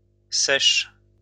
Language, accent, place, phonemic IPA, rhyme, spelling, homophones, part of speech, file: French, France, Lyon, /sɛʃ/, -ɛʃ, sèches, sèche / sèchent / seiche / Seix, adjective / noun / verb, LL-Q150 (fra)-sèches.wav
- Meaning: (adjective) feminine plural of sec; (noun) plural of sèche; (verb) second-person singular present indicative/subjunctive of sécher